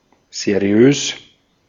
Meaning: 1. reputable, respectable, dignified; not shady or dubious; appearing civil, reliable, legitimate 2. giving such an impression, thus formal, elegant
- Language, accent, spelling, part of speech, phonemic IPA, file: German, Austria, seriös, adjective, /zeˈri̯øːs/, De-at-seriös.ogg